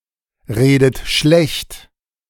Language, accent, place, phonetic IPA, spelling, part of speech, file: German, Germany, Berlin, [ˌʁeːdət ˈʃlɛçt], redet schlecht, verb, De-redet schlecht.ogg
- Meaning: inflection of schlechtreden: 1. third-person singular present 2. second-person plural present 3. second-person plural subjunctive I 4. plural imperative